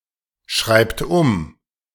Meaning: inflection of umschreiben: 1. third-person singular present 2. second-person plural present 3. plural imperative
- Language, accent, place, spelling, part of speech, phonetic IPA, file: German, Germany, Berlin, schreibt um, verb, [ˈʃʁaɪ̯pt ʊm], De-schreibt um.ogg